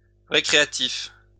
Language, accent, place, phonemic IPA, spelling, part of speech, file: French, France, Lyon, /ʁe.kʁe.a.tif/, récréatif, adjective, LL-Q150 (fra)-récréatif.wav
- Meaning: recreational